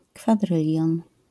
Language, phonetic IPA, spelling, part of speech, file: Polish, [kfaˈdrɨlʲjɔ̃n], kwadrylion, noun, LL-Q809 (pol)-kwadrylion.wav